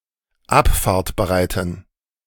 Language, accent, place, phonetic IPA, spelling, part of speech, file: German, Germany, Berlin, [ˈapfaːɐ̯tbəˌʁaɪ̯tn̩], abfahrtbereiten, adjective, De-abfahrtbereiten.ogg
- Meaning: inflection of abfahrtbereit: 1. strong genitive masculine/neuter singular 2. weak/mixed genitive/dative all-gender singular 3. strong/weak/mixed accusative masculine singular 4. strong dative plural